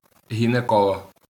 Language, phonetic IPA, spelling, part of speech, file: Ukrainian, [ɦʲineˈkɔɫɔɦ], гінеколог, noun, LL-Q8798 (ukr)-гінеколог.wav
- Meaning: gynaecologist (UK), gynecologist (US)